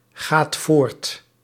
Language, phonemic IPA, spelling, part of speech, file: Dutch, /ˈɣat ˈvort/, gaat voort, verb, Nl-gaat voort.ogg
- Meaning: inflection of voortgaan: 1. second/third-person singular present indicative 2. plural imperative